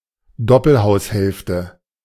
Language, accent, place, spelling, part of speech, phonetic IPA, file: German, Germany, Berlin, Doppelhaushälfte, noun, [ˈdɔpl̩haʊ̯sˌhɛlftə], De-Doppelhaushälfte.ogg
- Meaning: semi-detached house, semi